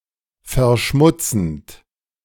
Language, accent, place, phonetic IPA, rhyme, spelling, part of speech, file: German, Germany, Berlin, [fɛɐ̯ˈʃmʊt͡sn̩t], -ʊt͡sn̩t, verschmutzend, verb, De-verschmutzend.ogg
- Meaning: present participle of verschmutzen